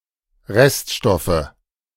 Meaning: nominative/accusative/genitive plural of Reststoff
- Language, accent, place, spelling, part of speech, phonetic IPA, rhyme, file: German, Germany, Berlin, Reststoffe, noun, [ˈʁɛstˌʃtɔfə], -ɛstʃtɔfə, De-Reststoffe.ogg